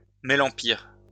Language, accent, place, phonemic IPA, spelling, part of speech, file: French, France, Lyon, /me.lɑ̃.piʁ/, mélampyre, noun, LL-Q150 (fra)-mélampyre.wav
- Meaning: cow-wheat (plant of genus Melampyrum)